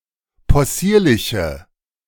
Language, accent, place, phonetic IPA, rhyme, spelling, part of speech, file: German, Germany, Berlin, [pɔˈsiːɐ̯lɪçə], -iːɐ̯lɪçə, possierliche, adjective, De-possierliche.ogg
- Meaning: inflection of possierlich: 1. strong/mixed nominative/accusative feminine singular 2. strong nominative/accusative plural 3. weak nominative all-gender singular